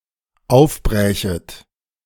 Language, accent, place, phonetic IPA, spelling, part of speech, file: German, Germany, Berlin, [ˈaʊ̯fˌbʁɛːçət], aufbrächet, verb, De-aufbrächet.ogg
- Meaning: second-person plural dependent subjunctive II of aufbrechen